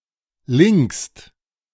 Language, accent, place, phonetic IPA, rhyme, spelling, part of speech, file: German, Germany, Berlin, [lɪŋkst], -ɪŋkst, linkst, verb, De-linkst.ogg
- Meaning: second-person singular present of linken